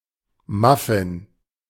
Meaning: muffin (individual cake)
- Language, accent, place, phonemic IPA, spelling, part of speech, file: German, Germany, Berlin, /ˈmafɪn/, Muffin, noun, De-Muffin.ogg